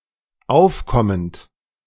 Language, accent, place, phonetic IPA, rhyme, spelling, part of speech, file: German, Germany, Berlin, [ˈaʊ̯fˌkɔmənt], -aʊ̯fkɔmənt, aufkommend, verb, De-aufkommend.ogg
- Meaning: present participle of aufkommen